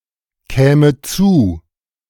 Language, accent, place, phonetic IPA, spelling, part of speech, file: German, Germany, Berlin, [ˌkɛːmə ˈt͡suː], käme zu, verb, De-käme zu.ogg
- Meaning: first/third-person singular subjunctive II of zukommen